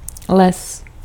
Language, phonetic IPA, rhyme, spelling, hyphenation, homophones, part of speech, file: Czech, [ˈlɛs], -ɛs, les, les, lez, noun, Cs-les.ogg
- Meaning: forest